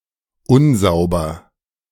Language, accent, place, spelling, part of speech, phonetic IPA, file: German, Germany, Berlin, unsauber, adjective, [ˈʊnˌzaʊ̯bɐ], De-unsauber.ogg
- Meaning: 1. unclean, impure 2. untidy 3. inaccurate